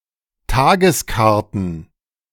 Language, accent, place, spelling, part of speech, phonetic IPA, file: German, Germany, Berlin, Tageskarten, noun, [ˈtaːɡəsˌkaʁtn̩], De-Tageskarten.ogg
- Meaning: plural of Tageskarte